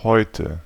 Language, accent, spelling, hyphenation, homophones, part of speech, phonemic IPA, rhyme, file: German, Germany, heute, heu‧te, häute / Häute, adverb, /ˈhɔʏ̯tə/, -ɔʏ̯tə, De-heute.ogg
- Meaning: today